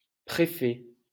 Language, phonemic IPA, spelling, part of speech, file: French, /pʁe.fɛ/, préfet, noun, LL-Q150 (fra)-préfet.wav
- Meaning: prefect